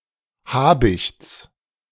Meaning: genitive singular of Habicht
- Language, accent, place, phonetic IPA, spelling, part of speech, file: German, Germany, Berlin, [ˈhaːbɪçt͡s], Habichts, noun, De-Habichts.ogg